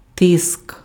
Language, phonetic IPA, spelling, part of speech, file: Ukrainian, [tɪsk], тиск, noun, Uk-тиск.ogg
- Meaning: 1. pressure 2. stress 3. thrust